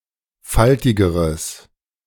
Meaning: strong/mixed nominative/accusative neuter singular comparative degree of faltig
- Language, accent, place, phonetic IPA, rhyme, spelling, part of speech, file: German, Germany, Berlin, [ˈfaltɪɡəʁəs], -altɪɡəʁəs, faltigeres, adjective, De-faltigeres.ogg